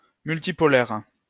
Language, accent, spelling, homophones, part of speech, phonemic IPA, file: French, France, multipolaire, multipolaires, adjective, /myl.ti.pɔ.lɛʁ/, LL-Q150 (fra)-multipolaire.wav
- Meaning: multipolar